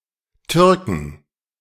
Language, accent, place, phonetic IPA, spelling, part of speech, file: German, Germany, Berlin, [ˈtʏʁkŋ̩], Türken, noun, De-Türken.ogg
- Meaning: 1. inflection of Türke: genitive/dative/accusative singular 2. inflection of Türke: nominative/genitive/dative/accusative plural 3. corn